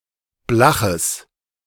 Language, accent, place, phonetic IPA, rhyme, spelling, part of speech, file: German, Germany, Berlin, [ˈblaxəs], -axəs, blaches, adjective, De-blaches.ogg
- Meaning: strong/mixed nominative/accusative neuter singular of blach